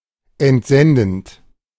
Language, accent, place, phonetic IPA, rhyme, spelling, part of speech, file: German, Germany, Berlin, [ɛntˈzɛndn̩t], -ɛndn̩t, entsendend, verb, De-entsendend.ogg
- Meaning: present participle of entsenden